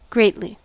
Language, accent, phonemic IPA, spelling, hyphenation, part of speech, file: English, US, /ˈɡɹeɪ̯t.li/, greatly, great‧ly, adverb, En-us-greatly.ogg
- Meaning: 1. To a great extent or degree 2. Nobly; magnanimously